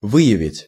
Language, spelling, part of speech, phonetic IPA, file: Russian, выявить, verb, [ˈvɨ(j)ɪvʲɪtʲ], Ru-выявить.ogg
- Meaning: 1. to reveal, to display 2. to discover, to uncover, to bring to light, to identify, to detect